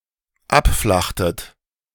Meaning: inflection of abflachen: 1. second-person plural dependent preterite 2. second-person plural dependent subjunctive II
- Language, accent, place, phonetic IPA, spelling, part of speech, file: German, Germany, Berlin, [ˈapˌflaxtət], abflachtet, verb, De-abflachtet.ogg